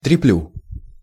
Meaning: first-person singular present indicative imperfective of трепа́ть (trepátʹ)
- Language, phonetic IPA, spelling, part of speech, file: Russian, [trʲɪˈplʲu], треплю, verb, Ru-треплю.ogg